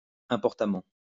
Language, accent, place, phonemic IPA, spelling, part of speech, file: French, France, Lyon, /ɛ̃.pɔʁ.ta.mɑ̃/, importamment, adverb, LL-Q150 (fra)-importamment.wav
- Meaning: importantly